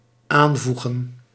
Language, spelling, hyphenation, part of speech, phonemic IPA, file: Dutch, aanvoegen, aan‧voe‧gen, verb, /ˈaːnˌvu.ɣə(n)/, Nl-aanvoegen.ogg
- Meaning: to join up